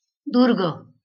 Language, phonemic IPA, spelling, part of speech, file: Marathi, /d̪uɾ.ɡə/, दुर्ग, noun, LL-Q1571 (mar)-दुर्ग.wav
- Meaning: fort, castle